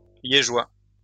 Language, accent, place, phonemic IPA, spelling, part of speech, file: French, France, Lyon, /lje.ʒwa/, liégeois, adjective, LL-Q150 (fra)-liégeois.wav
- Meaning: of Liège, Belgium